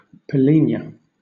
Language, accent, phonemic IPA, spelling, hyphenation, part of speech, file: English, Southern England, /pə(ʊ)ˈlɪnjə/, polynya, po‧lyn‧ya, noun, LL-Q1860 (eng)-polynya.wav
- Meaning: A naturally formed transient area of open water surrounded by sea ice, especially in polar or subpolar seas